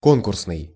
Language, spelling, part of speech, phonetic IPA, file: Russian, конкурсный, adjective, [ˈkonkʊrsnɨj], Ru-конкурсный.ogg
- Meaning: competitive